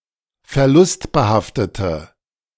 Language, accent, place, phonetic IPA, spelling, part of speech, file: German, Germany, Berlin, [fɛɐ̯ˈlʊstbəˌhaftətə], verlustbehaftete, adjective, De-verlustbehaftete.ogg
- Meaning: inflection of verlustbehaftet: 1. strong/mixed nominative/accusative feminine singular 2. strong nominative/accusative plural 3. weak nominative all-gender singular